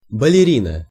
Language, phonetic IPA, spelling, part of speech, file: Russian, [bəlʲɪˈrʲinə], балерина, noun, Ru-балерина.ogg
- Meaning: ballerina